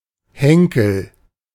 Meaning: handle
- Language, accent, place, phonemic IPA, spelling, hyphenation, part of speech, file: German, Germany, Berlin, /ˈhɛŋkl̩/, Henkel, Hen‧kel, noun, De-Henkel.ogg